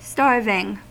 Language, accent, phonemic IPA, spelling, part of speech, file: English, US, /ˈstɑɹvɪŋ/, starving, verb / noun / adjective, En-us-starving.ogg
- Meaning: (verb) present participle and gerund of starve; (noun) starvation; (adjective) Extremely hungry